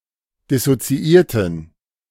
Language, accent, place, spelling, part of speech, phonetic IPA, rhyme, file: German, Germany, Berlin, dissoziierten, adjective, [dɪsot͡siˈʔiːɐ̯tn̩], -iːɐ̯tn̩, De-dissoziierten.ogg
- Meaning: inflection of dissoziiert: 1. strong genitive masculine/neuter singular 2. weak/mixed genitive/dative all-gender singular 3. strong/weak/mixed accusative masculine singular 4. strong dative plural